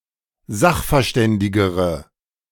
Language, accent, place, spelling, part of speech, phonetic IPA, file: German, Germany, Berlin, sachverständigere, adjective, [ˈzaxfɛɐ̯ˌʃtɛndɪɡəʁə], De-sachverständigere.ogg
- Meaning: inflection of sachverständig: 1. strong/mixed nominative/accusative feminine singular comparative degree 2. strong nominative/accusative plural comparative degree